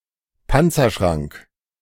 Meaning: safe, vault
- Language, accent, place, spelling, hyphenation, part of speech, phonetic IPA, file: German, Germany, Berlin, Panzerschrank, Pan‧zer‧schrank, noun, [ˈpant͡sɐˌʃʁaŋk], De-Panzerschrank.ogg